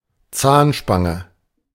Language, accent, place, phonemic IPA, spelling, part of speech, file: German, Germany, Berlin, /ˈtsaːnʃpaŋə/, Zahnspange, noun, De-Zahnspange.ogg
- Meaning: braces (for correcting teeth)